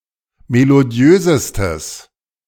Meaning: strong/mixed nominative/accusative neuter singular superlative degree of melodiös
- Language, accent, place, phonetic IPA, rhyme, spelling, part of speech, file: German, Germany, Berlin, [meloˈdi̯øːzəstəs], -øːzəstəs, melodiösestes, adjective, De-melodiösestes.ogg